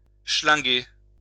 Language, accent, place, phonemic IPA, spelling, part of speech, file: French, France, Lyon, /ʃlɛ̃.ɡe/, chlinguer, verb, LL-Q150 (fra)-chlinguer.wav
- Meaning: to stink, to reek